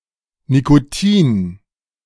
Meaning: alternative spelling of Nikotin
- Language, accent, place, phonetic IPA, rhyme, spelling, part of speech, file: German, Germany, Berlin, [nikoˈtiːn], -iːn, Nicotin, noun, De-Nicotin.ogg